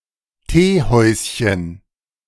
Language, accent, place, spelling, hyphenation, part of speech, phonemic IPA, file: German, Germany, Berlin, Teehäuschen, Tee‧häus‧chen, noun, /ˈteːˌhɔʏ̯sçən/, De-Teehäuschen.ogg
- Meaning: diminutive of Teehaus